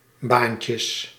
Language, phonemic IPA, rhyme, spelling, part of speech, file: Dutch, /ˈbaːn.tjəs/, -aːntjəs, baantjes, noun, Nl-baantjes.ogg
- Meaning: plural of baantje